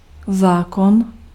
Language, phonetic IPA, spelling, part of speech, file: Czech, [ˈzaːkon], zákon, noun, Cs-zákon.ogg
- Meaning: 1. law (rule) 2. act (a product of a legislative body, a statute)